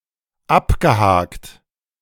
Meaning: past participle of abhaken
- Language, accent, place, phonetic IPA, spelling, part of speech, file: German, Germany, Berlin, [ˈapɡəˌhaːkt], abgehakt, verb, De-abgehakt.ogg